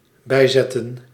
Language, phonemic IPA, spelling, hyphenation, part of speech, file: Dutch, /ˈbɛi̯zɛtə(n)/, bijzetten, bij‧zet‧ten, verb, Nl-bijzetten.ogg
- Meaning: to add, to set beside something else